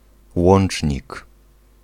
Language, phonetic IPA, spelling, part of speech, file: Polish, [ˈwɔ̃n͇t͡ʃʲɲik], łącznik, noun, Pl-łącznik.ogg